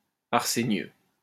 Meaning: arsenious
- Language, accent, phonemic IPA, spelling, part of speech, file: French, France, /aʁ.se.njø/, arsénieux, adjective, LL-Q150 (fra)-arsénieux.wav